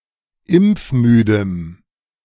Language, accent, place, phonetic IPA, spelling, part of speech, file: German, Germany, Berlin, [ˈɪmp͡fˌmyːdəm], impfmüdem, adjective, De-impfmüdem.ogg
- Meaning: strong dative masculine/neuter singular of impfmüde